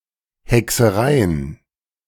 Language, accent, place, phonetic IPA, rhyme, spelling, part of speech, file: German, Germany, Berlin, [hɛksəˈʁaɪ̯ən], -aɪ̯ən, Hexereien, noun, De-Hexereien.ogg
- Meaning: plural of Hexerei